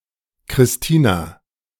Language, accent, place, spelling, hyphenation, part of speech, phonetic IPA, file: German, Germany, Berlin, Kristina, Kris‧ti‧na, proper noun, [kʁɪsˈtiːna], De-Kristina.ogg
- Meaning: a female given name, variant of Christina